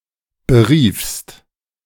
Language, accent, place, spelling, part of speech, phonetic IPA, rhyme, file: German, Germany, Berlin, beriefst, verb, [bəˈʁiːfst], -iːfst, De-beriefst.ogg
- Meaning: second-person singular preterite of berufen